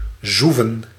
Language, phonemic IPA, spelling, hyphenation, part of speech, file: Dutch, /ˈzuvə(n)/, zoeven, zoe‧ven, verb / adverb, Nl-zoeven.ogg
- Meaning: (verb) to zoom (move very fast with a humming noise); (adverb) misspelling of zo-even